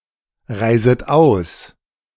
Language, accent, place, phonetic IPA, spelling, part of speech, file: German, Germany, Berlin, [ˌʁaɪ̯zət ˈaʊ̯s], reiset aus, verb, De-reiset aus.ogg
- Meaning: second-person plural subjunctive I of ausreisen